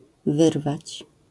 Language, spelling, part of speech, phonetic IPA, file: Polish, wyrwać, verb, [ˈvɨrvat͡ɕ], LL-Q809 (pol)-wyrwać.wav